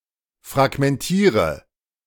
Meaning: inflection of fragmentieren: 1. first-person singular present 2. singular imperative 3. first/third-person singular subjunctive I
- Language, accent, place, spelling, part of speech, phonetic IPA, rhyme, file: German, Germany, Berlin, fragmentiere, verb, [fʁaɡmɛnˈtiːʁə], -iːʁə, De-fragmentiere.ogg